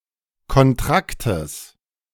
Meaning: genitive of Kontrakt
- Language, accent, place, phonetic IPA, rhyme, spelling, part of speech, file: German, Germany, Berlin, [kɔnˈtʁaktəs], -aktəs, Kontraktes, noun, De-Kontraktes.ogg